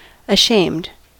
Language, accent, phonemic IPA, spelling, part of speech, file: English, US, /əˈʃeɪmd/, ashamed, adjective / verb, En-us-ashamed.ogg
- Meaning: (adjective) Feeling shame or guilt; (verb) simple past and past participle of ashame